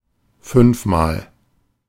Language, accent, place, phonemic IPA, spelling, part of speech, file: German, Germany, Berlin, /ˈfʏnfmaːl/, fünfmal, adverb, De-fünfmal.ogg
- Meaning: fivefold